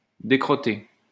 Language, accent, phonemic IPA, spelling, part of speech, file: French, France, /de.kʁɔ.te/, décrotter, verb, LL-Q150 (fra)-décrotter.wav
- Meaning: to clean the mud off